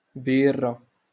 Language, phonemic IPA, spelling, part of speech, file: Moroccan Arabic, /biːr.ra/, بيرة, noun, LL-Q56426 (ary)-بيرة.wav
- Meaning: beer